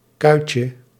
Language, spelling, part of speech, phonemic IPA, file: Dutch, kuitje, noun, /ˈkœycə/, Nl-kuitje.ogg
- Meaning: diminutive of kuit